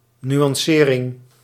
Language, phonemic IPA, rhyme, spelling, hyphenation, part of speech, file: Dutch, /ˌny.ɑnˈseː.rɪŋ/, -eːrɪŋ, nuancering, nu‧an‧ce‧ring, noun, Nl-nuancering.ogg
- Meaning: a nuance or the act of nuancing